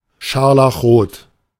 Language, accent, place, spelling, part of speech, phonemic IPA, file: German, Germany, Berlin, scharlachrot, adjective, /ˈʃaʁlaxˌʁoːt/, De-scharlachrot.ogg
- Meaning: scarlet (colour)